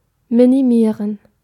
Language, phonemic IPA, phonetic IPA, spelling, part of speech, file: German, /miniˈmiːʁən/, [miniˈmiːɐ̯n], minimieren, verb, De-minimieren.ogg
- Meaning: to minimize / minimise